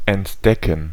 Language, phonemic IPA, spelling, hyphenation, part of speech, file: German, /ɛntˈdɛkən/, entdecken, ent‧de‧cken, verb, De-entdecken.ogg
- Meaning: 1. to discover, to spot, to learn for the first time 2. to disclose